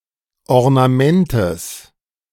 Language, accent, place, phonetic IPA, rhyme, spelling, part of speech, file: German, Germany, Berlin, [ɔʁnaˈmɛntəs], -ɛntəs, Ornamentes, noun, De-Ornamentes.ogg
- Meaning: genitive of Ornament